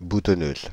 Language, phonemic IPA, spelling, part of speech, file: French, /bu.tɔ.nøz/, boutonneuse, adjective, Fr-boutonneuse.ogg
- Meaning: feminine singular of boutonneux